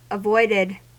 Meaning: simple past and past participle of avoid
- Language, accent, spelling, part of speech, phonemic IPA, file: English, US, avoided, verb, /əˈvɔɪdɪd/, En-us-avoided.ogg